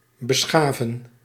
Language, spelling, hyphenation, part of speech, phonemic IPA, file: Dutch, beschaven, be‧scha‧ven, verb, /bəˈsxaːvə(n)/, Nl-beschaven.ogg
- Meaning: 1. to civilize 2. to smoothen by scraping (with a plane) 3. to rob, to bereave